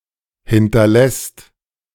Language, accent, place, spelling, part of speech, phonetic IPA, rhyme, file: German, Germany, Berlin, hinterlässt, verb, [ˌhɪntɐˈlɛst], -ɛst, De-hinterlässt.ogg
- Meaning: second/third-person singular present of hinterlassen